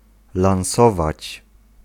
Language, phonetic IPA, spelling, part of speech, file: Polish, [lãw̃ˈsɔvat͡ɕ], lansować, verb, Pl-lansować.ogg